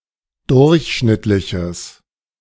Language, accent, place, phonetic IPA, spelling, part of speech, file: German, Germany, Berlin, [ˈdʊʁçˌʃnɪtlɪçəs], durchschnittliches, adjective, De-durchschnittliches.ogg
- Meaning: strong/mixed nominative/accusative neuter singular of durchschnittlich